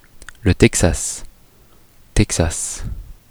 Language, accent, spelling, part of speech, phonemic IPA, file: French, France, Texas, proper noun, /tɛk.sas/, Fr-Texas.oga
- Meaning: Texas (a state in the south-central region of the United States)